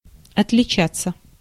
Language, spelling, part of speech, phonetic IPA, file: Russian, отличаться, verb, [ɐtlʲɪˈt͡ɕat͡sːə], Ru-отличаться.ogg
- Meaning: 1. to differ [with от (ot, + genitive) ‘from someone/something’] (not to have the same characteristics) 2. to be notable (for) 3. to distinguish oneself, to excel 4. to make an exhibition of oneself